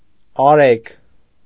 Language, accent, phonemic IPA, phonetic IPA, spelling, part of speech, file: Armenian, Eastern Armenian, /ɑˈɾeɡ/, [ɑɾéɡ], Արեգ, proper noun, Hy-Արեգ.ogg
- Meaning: a male given name, Areg and Arek